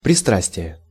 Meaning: 1. addiction, predilection (for), propensity 2. passion (for), weakness (for) 3. bias (towards), partiality (to/for)
- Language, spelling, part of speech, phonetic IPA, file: Russian, пристрастие, noun, [prʲɪˈstrasʲtʲɪje], Ru-пристрастие.ogg